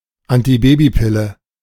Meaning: contraceptive pill
- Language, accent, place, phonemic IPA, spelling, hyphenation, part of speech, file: German, Germany, Berlin, /antiˈbeːbiˌpɪlə/, Antibabypille, An‧ti‧ba‧by‧pil‧le, noun, De-Antibabypille.ogg